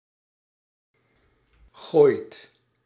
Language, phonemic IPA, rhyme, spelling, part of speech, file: Dutch, /ɣoːi̯t/, -oːi̯t, gooit, verb, Nl-gooit.ogg
- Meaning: inflection of gooien: 1. second/third-person singular present indicative 2. plural imperative